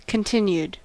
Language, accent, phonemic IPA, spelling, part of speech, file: English, US, /kənˈtɪn.jud/, continued, adjective / verb, En-us-continued.ogg
- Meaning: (adjective) 1. Prolonged; unstopped 2. Uninterrupted 3. Resumed after a division or pause; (verb) simple past and past participle of continue